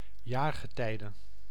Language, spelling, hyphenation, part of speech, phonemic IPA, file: Dutch, jaargetijde, jaar‧ge‧tij‧de, noun, /ˈjaːrɣəˌtɛi̯də/, Nl-jaargetijde.ogg
- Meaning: season